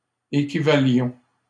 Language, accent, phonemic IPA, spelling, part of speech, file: French, Canada, /e.ki.va.ljɔ̃/, équivalions, verb, LL-Q150 (fra)-équivalions.wav
- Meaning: inflection of équivaloir: 1. first-person plural imperfect indicative 2. first-person plural present subjunctive